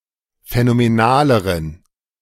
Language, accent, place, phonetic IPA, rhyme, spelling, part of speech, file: German, Germany, Berlin, [fɛnomeˈnaːləʁən], -aːləʁən, phänomenaleren, adjective, De-phänomenaleren.ogg
- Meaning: inflection of phänomenal: 1. strong genitive masculine/neuter singular comparative degree 2. weak/mixed genitive/dative all-gender singular comparative degree